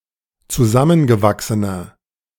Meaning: inflection of zusammengewachsen: 1. strong/mixed nominative masculine singular 2. strong genitive/dative feminine singular 3. strong genitive plural
- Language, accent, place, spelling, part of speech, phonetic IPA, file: German, Germany, Berlin, zusammengewachsener, adjective, [t͡suˈzamənɡəˌvaksənɐ], De-zusammengewachsener.ogg